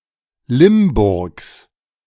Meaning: genitive of Limburg
- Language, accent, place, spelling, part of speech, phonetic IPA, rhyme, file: German, Germany, Berlin, Limburgs, noun, [ˈlɪmˌbʊʁks], -ɪmbʊʁks, De-Limburgs.ogg